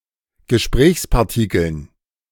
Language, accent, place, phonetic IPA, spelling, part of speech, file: German, Germany, Berlin, [ɡəˈʃpʁɛːçspaʁˌtɪkl̩n], Gesprächspartikeln, noun, De-Gesprächspartikeln.ogg
- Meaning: dative plural of Gesprächspartikel